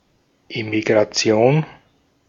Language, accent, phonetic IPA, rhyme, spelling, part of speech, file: German, Austria, [emiɡʁaˈt͡si̯oːn], -oːn, Emigration, noun, De-at-Emigration.ogg
- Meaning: emigration